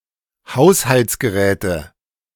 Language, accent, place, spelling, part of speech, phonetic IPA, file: German, Germany, Berlin, Haushaltsgeräte, noun, [ˈhaʊ̯shalt͡sɡəˌʁɛːtə], De-Haushaltsgeräte.ogg
- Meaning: 1. nominative/accusative/genitive plural of Haushaltsgerät 2. dative of Haushaltsgerät